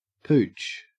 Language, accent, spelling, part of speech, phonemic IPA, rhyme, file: English, Australia, pooch, noun / verb, /puːt͡ʃ/, -uːtʃ, En-au-pooch.ogg
- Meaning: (noun) 1. A dog 2. A dog of mixed breed; a mongrel 3. A bulge, an enlarged part 4. A distended or swelled condition